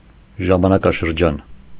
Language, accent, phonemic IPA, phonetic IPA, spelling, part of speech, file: Armenian, Eastern Armenian, /ʒɑmɑnɑkɑʃəɾˈd͡ʒɑn/, [ʒɑmɑnɑkɑʃəɾd͡ʒɑ́n], ժամանակաշրջան, noun, Hy-ժամանակաշրջան.ogg
- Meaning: epoch, age, era